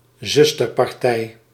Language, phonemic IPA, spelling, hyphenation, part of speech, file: Dutch, /ˈzʏs.tər.pɑrˌtɛi̯/, zusterpartij, zus‧ter‧par‧tij, noun, Nl-zusterpartij.ogg
- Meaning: sister party, an affiliated or ideologically similar political party